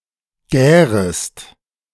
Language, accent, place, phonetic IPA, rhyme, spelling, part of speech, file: German, Germany, Berlin, [ˈɡɛːʁəst], -ɛːʁəst, gärest, verb, De-gärest.ogg
- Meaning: second-person singular subjunctive I of gären